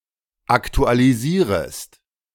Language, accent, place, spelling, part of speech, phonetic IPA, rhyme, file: German, Germany, Berlin, aktualisierest, verb, [ˌaktualiˈziːʁəst], -iːʁəst, De-aktualisierest.ogg
- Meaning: second-person singular subjunctive I of aktualisieren